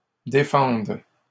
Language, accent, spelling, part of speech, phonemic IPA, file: French, Canada, défende, verb, /de.fɑ̃d/, LL-Q150 (fra)-défende.wav
- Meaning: first/third-person singular present subjunctive of défendre